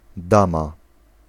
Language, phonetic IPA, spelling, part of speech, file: Polish, [ˈdãma], dama, noun, Pl-dama.ogg